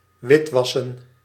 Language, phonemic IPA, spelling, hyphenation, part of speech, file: Dutch, /ˈʋɪtˌʋɑ.sə(n)/, witwassen, wit‧was‧sen, verb, Nl-witwassen.ogg
- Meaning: 1. to wash up, clean especially with a whitening agent 2. to launder (money); to guise (something illegal) as legal